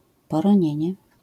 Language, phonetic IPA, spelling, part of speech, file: Polish, [ˌpɔrɔ̃ˈɲɛ̇̃ɲɛ], poronienie, noun, LL-Q809 (pol)-poronienie.wav